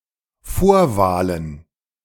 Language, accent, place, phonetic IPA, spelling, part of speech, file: German, Germany, Berlin, [ˈfoːɐ̯ˌvaːlən], Vorwahlen, noun, De-Vorwahlen.ogg
- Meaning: plural of Vorwahl